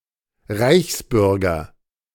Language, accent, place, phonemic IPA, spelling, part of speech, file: German, Germany, Berlin, /ˈʁaɪ̯çsˌbʏʁɡɐ/, Reichsbürger, noun, De-Reichsbürger.ogg
- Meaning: 1. imperial citizen, in particular a citizen of the German Reich 2. fully recognized citizen of Nazi Germany (limited to people considered ethnic Germans and distinguished from Staatsangehöriger)